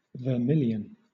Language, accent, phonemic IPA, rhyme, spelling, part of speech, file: English, Southern England, /vəˈmɪl.jən/, -ɪljən, vermilion, noun / adjective / verb, LL-Q1860 (eng)-vermilion.wav
- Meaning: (noun) 1. A vivid red synthetic pigment made of mercury sulfide, cinnabar 2. A bright orange-red colour 3. A type of red dye worn in the parting of the hair by married Hindu women